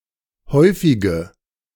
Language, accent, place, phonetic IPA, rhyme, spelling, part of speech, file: German, Germany, Berlin, [ˈhɔɪ̯fɪɡə], -ɔɪ̯fɪɡə, häufige, adjective, De-häufige.ogg
- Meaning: inflection of häufig: 1. strong/mixed nominative/accusative feminine singular 2. strong nominative/accusative plural 3. weak nominative all-gender singular 4. weak accusative feminine/neuter singular